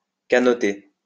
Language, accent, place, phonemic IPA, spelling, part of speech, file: French, France, Lyon, /ka.nɔ.te/, canoter, verb, LL-Q150 (fra)-canoter.wav
- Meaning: to go canoeing